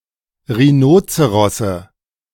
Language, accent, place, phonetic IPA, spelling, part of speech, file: German, Germany, Berlin, [ʁiˈnoːt͡səʁɔsə], Rhinozerosse, noun, De-Rhinozerosse.ogg
- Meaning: nominative/genitive/accusative plural of Rhinozeros